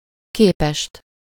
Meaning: for; compared to/with something, in/by comparison (with something: -hoz/-hez/-höz)
- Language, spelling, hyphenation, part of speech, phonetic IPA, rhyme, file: Hungarian, képest, ké‧pest, postposition, [ˈkeːpɛʃt], -ɛʃt, Hu-képest.ogg